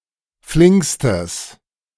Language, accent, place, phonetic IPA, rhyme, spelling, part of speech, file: German, Germany, Berlin, [ˈflɪŋkstəs], -ɪŋkstəs, flinkstes, adjective, De-flinkstes.ogg
- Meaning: strong/mixed nominative/accusative neuter singular superlative degree of flink